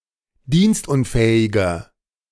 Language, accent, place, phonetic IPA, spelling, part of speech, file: German, Germany, Berlin, [ˈdiːnstˌʔʊnfɛːɪɡɐ], dienstunfähiger, adjective, De-dienstunfähiger.ogg
- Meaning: inflection of dienstunfähig: 1. strong/mixed nominative masculine singular 2. strong genitive/dative feminine singular 3. strong genitive plural